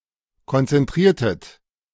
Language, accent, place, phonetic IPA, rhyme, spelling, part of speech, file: German, Germany, Berlin, [kɔnt͡sɛnˈtʁiːɐ̯tət], -iːɐ̯tət, konzentriertet, verb, De-konzentriertet.ogg
- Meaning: inflection of konzentrieren: 1. second-person plural preterite 2. second-person plural subjunctive II